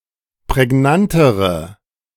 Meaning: inflection of prägnant: 1. strong/mixed nominative/accusative feminine singular comparative degree 2. strong nominative/accusative plural comparative degree
- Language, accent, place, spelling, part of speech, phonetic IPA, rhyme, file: German, Germany, Berlin, prägnantere, adjective, [pʁɛˈɡnantəʁə], -antəʁə, De-prägnantere.ogg